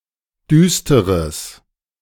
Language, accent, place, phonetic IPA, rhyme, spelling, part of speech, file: German, Germany, Berlin, [ˈdyːstəʁəs], -yːstəʁəs, düsteres, adjective, De-düsteres.ogg
- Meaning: strong/mixed nominative/accusative neuter singular of düster